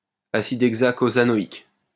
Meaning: hexacosanoic acid
- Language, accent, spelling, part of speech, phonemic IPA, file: French, France, acide hexacosanoïque, noun, /a.sid ɛɡ.za.ko.za.nɔ.ik/, LL-Q150 (fra)-acide hexacosanoïque.wav